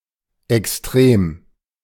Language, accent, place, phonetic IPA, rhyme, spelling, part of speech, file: German, Germany, Berlin, [ɛksˈtʁeːm], -eːm, Extrem, noun, De-Extrem.ogg
- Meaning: extreme, extremity